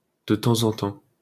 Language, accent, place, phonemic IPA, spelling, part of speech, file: French, France, Paris, /də tɑ̃.z‿ɑ̃ tɑ̃/, de temps en temps, adverb, LL-Q150 (fra)-de temps en temps.wav
- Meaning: from time to time, once in a while